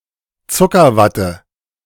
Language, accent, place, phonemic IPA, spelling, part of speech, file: German, Germany, Berlin, /ˈtsʊkərˌvatə/, Zuckerwatte, noun, De-Zuckerwatte.ogg
- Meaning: cotton candy, candy floss, fairy floss